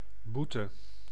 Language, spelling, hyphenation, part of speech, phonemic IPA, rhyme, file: Dutch, boete, boe‧te, noun / verb, /ˈbu.tə/, -utə, Nl-boete.ogg
- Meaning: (noun) 1. fine, financial penalty 2. penance, paining atonement; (verb) singular present subjunctive of boeten